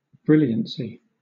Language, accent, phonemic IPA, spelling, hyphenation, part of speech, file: English, Southern England, /ˈbɹɪljənsi/, brilliancy, bril‧lian‧cy, noun, LL-Q1860 (eng)-brilliancy.wav
- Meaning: 1. A shining quality; brilliance 2. An act of being brilliant 3. A spectacular and beautiful game of chess, generally featuring sacrificial attacks and unexpected moves